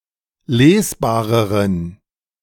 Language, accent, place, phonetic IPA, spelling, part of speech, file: German, Germany, Berlin, [ˈleːsˌbaːʁəʁən], lesbareren, adjective, De-lesbareren.ogg
- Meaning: inflection of lesbar: 1. strong genitive masculine/neuter singular comparative degree 2. weak/mixed genitive/dative all-gender singular comparative degree